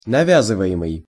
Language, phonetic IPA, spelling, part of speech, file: Russian, [nɐˈvʲazɨvə(j)ɪmɨj], навязываемый, verb, Ru-навязываемый.ogg
- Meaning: present passive imperfective participle of навя́зывать (navjázyvatʹ)